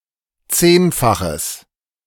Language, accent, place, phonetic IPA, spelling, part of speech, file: German, Germany, Berlin, [ˈt͡seːnfaxəs], zehnfaches, adjective, De-zehnfaches.ogg
- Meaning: strong/mixed nominative/accusative neuter singular of zehnfach